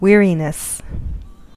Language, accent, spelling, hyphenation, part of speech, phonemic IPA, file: English, US, weariness, weari‧ness, noun, /ˈwɪ(ə)ɹinɪs/, En-us-weariness.ogg
- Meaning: 1. Exhaustion, fatigue or tiredness 2. A lack of interest or excitement